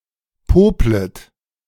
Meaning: second-person plural subjunctive I of popeln
- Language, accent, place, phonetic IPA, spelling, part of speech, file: German, Germany, Berlin, [ˈpoːplət], poplet, verb, De-poplet.ogg